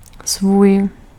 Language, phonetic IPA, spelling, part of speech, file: Czech, [ˈsvuːj], svůj, pronoun, Cs-svůj.ogg